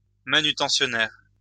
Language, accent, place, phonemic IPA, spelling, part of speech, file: French, France, Lyon, /ma.ny.tɑ̃.sjɔ.nɛʁ/, manutentionnaire, noun, LL-Q150 (fra)-manutentionnaire.wav
- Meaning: warehouseman